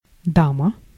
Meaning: 1. lady 2. dance partner 3. queen
- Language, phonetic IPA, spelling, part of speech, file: Russian, [ˈdamə], дама, noun, Ru-дама.ogg